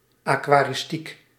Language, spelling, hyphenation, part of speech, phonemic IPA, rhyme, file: Dutch, aquaristiek, aqua‧ris‧tiek, noun, /ˌaː.kʋaː.rɪsˈtik/, -ik, Nl-aquaristiek.ogg
- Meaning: the practice of or the knowledge needed for maintaining an aquarium